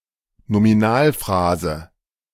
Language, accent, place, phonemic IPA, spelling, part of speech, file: German, Germany, Berlin, /nomiˈnaːlˌfʁaːzə/, Nominalphrase, noun, De-Nominalphrase.ogg
- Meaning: noun phrase (phrase that can serve as the subject or the object of a verb)